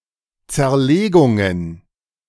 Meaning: plural of Zerlegung
- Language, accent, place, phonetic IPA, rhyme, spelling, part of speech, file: German, Germany, Berlin, [t͡sɛɐ̯ˈleːɡʊŋən], -eːɡʊŋən, Zerlegungen, noun, De-Zerlegungen.ogg